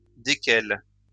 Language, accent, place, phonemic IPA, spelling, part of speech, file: French, France, Lyon, /de.kɛl/, desquels, pronoun, LL-Q150 (fra)-desquels.wav
- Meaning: masculine plural of duquel